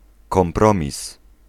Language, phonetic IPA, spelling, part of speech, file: Polish, [kɔ̃mˈprɔ̃mʲis], kompromis, noun, Pl-kompromis.ogg